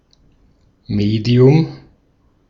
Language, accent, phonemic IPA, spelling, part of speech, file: German, Austria, /ˈmeːdi̯ʊm/, Medium, noun, De-at-Medium.ogg
- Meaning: 1. media, medium (format for communicating or presenting information) 2. medium (the nature of the surrounding environment, e.g. solid, liquid, gas, vacuum or a specific substance)